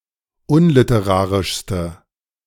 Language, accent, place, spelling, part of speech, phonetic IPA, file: German, Germany, Berlin, unliterarischste, adjective, [ˈʊnlɪtəˌʁaːʁɪʃstə], De-unliterarischste.ogg
- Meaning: inflection of unliterarisch: 1. strong/mixed nominative/accusative feminine singular superlative degree 2. strong nominative/accusative plural superlative degree